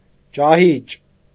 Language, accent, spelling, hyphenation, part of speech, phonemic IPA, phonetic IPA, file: Armenian, Eastern Armenian, ճահիճ, ճա‧հիճ, noun, /t͡ʃɑˈhit͡ʃ/, [t͡ʃɑhít͡ʃ], Hy-ճահիճ.ogg
- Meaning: 1. swamp, marsh 2. stagnation